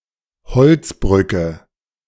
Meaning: second-person singular subjunctive I of beziffern
- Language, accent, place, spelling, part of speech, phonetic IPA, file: German, Germany, Berlin, beziffrest, verb, [bəˈt͡sɪfʁəst], De-beziffrest.ogg